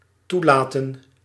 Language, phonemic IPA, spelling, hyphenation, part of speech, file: Dutch, /ˈtuˌlaː.tə(n)/, toelaten, toe‧la‧ten, verb, Nl-toelaten.ogg
- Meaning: 1. to allow, tolerate 2. to condone 3. to admit, receive